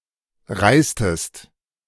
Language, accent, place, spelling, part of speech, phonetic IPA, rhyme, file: German, Germany, Berlin, reistest, verb, [ˈʁaɪ̯stəst], -aɪ̯stəst, De-reistest.ogg
- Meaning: inflection of reisen: 1. second-person singular preterite 2. second-person singular subjunctive II